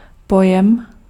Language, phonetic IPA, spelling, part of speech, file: Czech, [ˈpojɛm], pojem, noun, Cs-pojem.ogg
- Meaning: 1. concept 2. term (word or phrase)